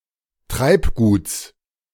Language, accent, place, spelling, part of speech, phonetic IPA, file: German, Germany, Berlin, Treibguts, noun, [ˈtʁaɪ̯pˌɡuːt͡s], De-Treibguts.ogg
- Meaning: genitive singular of Treibgut